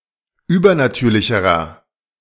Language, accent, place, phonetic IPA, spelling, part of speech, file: German, Germany, Berlin, [ˈyːbɐnaˌtyːɐ̯lɪçəʁɐ], übernatürlicherer, adjective, De-übernatürlicherer.ogg
- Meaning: inflection of übernatürlich: 1. strong/mixed nominative masculine singular comparative degree 2. strong genitive/dative feminine singular comparative degree